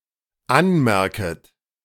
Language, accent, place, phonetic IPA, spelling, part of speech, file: German, Germany, Berlin, [ˈanˌmɛʁkət], anmerket, verb, De-anmerket.ogg
- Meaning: second-person plural dependent subjunctive I of anmerken